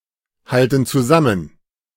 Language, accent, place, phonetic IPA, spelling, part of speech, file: German, Germany, Berlin, [ˌhaltn̩ t͡suˈzamən], halten zusammen, verb, De-halten zusammen.ogg
- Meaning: inflection of zusammenhalten: 1. first/third-person plural present 2. first/third-person plural subjunctive I